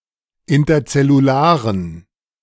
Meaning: inflection of interzellular: 1. strong genitive masculine/neuter singular 2. weak/mixed genitive/dative all-gender singular 3. strong/weak/mixed accusative masculine singular 4. strong dative plural
- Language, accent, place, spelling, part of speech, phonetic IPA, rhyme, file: German, Germany, Berlin, interzellularen, adjective, [ɪntɐt͡sɛluˈlaːʁən], -aːʁən, De-interzellularen.ogg